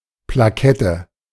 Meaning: 1. sticker, tag 2. plaque
- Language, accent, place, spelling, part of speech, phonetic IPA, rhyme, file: German, Germany, Berlin, Plakette, noun, [plaˈkɛtə], -ɛtə, De-Plakette.ogg